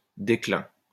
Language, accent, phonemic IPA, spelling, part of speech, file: French, France, /de.klɛ̃/, déclin, noun, LL-Q150 (fra)-déclin.wav
- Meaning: decline